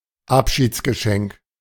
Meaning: parting gift
- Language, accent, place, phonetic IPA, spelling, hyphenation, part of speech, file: German, Germany, Berlin, [ˈapʃiːt͡sɡəˌʃɛŋk], Abschiedsgeschenk, Ab‧schieds‧ge‧schenk, noun, De-Abschiedsgeschenk.ogg